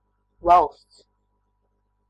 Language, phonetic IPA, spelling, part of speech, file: Latvian, [vàlsts], valsts, noun, Lv-valsts.ogg
- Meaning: 1. state, country (a sovereign polity with a government; the territory of this polity) 2. kingdom (one of the highest divisions in the classification of living beings)